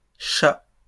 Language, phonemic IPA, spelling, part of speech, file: French, /ʃa/, chats, noun, LL-Q150 (fra)-chats.wav
- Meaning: plural of chat